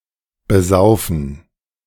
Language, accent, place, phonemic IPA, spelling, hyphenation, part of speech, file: German, Germany, Berlin, /bəˈzaʊ̯fn̩/, besaufen, be‧sau‧fen, verb, De-besaufen.ogg
- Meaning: to get drunk